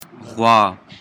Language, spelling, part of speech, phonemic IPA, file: Pashto, غوا, noun, /ɣwɑ/, Ghwâ.ogg
- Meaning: cow